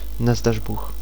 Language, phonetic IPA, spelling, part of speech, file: Czech, [ˈnazdar̝buːx], nazdařbůh, adverb, Cs-nazdařbůh.ogg
- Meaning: aimlessly, haphazardly, at random